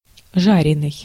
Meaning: fried, roasted (cooked by frying or roasting)
- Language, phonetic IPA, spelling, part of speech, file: Russian, [ˈʐarʲɪnɨj], жареный, adjective, Ru-жареный.ogg